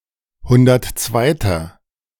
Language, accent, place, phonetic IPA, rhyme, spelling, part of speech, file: German, Germany, Berlin, [ˈhʊndɐtˈt͡svaɪ̯tɐ], -aɪ̯tɐ, hundertzweiter, adjective, De-hundertzweiter.ogg
- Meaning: inflection of hundertzweite: 1. strong/mixed nominative masculine singular 2. strong genitive/dative feminine singular 3. strong genitive plural